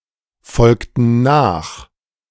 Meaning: inflection of nachfolgen: 1. first/third-person plural preterite 2. first/third-person plural subjunctive II
- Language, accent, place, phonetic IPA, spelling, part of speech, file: German, Germany, Berlin, [ˌfɔlktn̩ ˈnaːx], folgten nach, verb, De-folgten nach.ogg